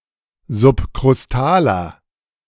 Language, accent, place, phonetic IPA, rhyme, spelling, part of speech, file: German, Germany, Berlin, [zʊpkʁʊsˈtaːlɐ], -aːlɐ, subkrustaler, adjective, De-subkrustaler.ogg
- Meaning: inflection of subkrustal: 1. strong/mixed nominative masculine singular 2. strong genitive/dative feminine singular 3. strong genitive plural